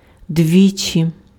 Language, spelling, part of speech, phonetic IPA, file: Ukrainian, двічі, adverb, [ˈdʲʋʲit͡ʃʲi], Uk-двічі.ogg
- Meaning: 1. twice, on two occasions 2. 2×, twice as much